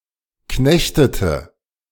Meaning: inflection of knechten: 1. first/third-person singular preterite 2. first/third-person singular subjunctive II
- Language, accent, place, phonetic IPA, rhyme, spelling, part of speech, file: German, Germany, Berlin, [ˈknɛçtətə], -ɛçtətə, knechtete, verb, De-knechtete.ogg